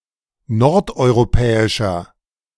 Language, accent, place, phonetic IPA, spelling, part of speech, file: German, Germany, Berlin, [ˈnɔʁtʔɔɪ̯ʁoˌpɛːɪʃɐ], nordeuropäischer, adjective, De-nordeuropäischer.ogg
- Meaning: inflection of nordeuropäisch: 1. strong/mixed nominative masculine singular 2. strong genitive/dative feminine singular 3. strong genitive plural